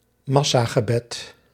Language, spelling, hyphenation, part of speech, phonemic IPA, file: Dutch, massagebed, mas‧sa‧ge‧bed, noun, /ˈmɑsaːɣəˌbɛt/, Nl-massagebed.ogg
- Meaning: mass prayer (prayer in a large group)